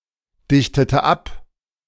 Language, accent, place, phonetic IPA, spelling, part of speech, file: German, Germany, Berlin, [ˌdɪçtətə ˈap], dichtete ab, verb, De-dichtete ab.ogg
- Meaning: inflection of abdichten: 1. first/third-person singular preterite 2. first/third-person singular subjunctive II